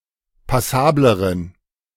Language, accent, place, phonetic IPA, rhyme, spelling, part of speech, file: German, Germany, Berlin, [paˈsaːbləʁən], -aːbləʁən, passableren, adjective, De-passableren.ogg
- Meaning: inflection of passabel: 1. strong genitive masculine/neuter singular comparative degree 2. weak/mixed genitive/dative all-gender singular comparative degree